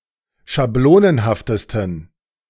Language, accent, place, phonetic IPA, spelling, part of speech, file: German, Germany, Berlin, [ʃaˈbloːnənhaftəstn̩], schablonenhaftesten, adjective, De-schablonenhaftesten.ogg
- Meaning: 1. superlative degree of schablonenhaft 2. inflection of schablonenhaft: strong genitive masculine/neuter singular superlative degree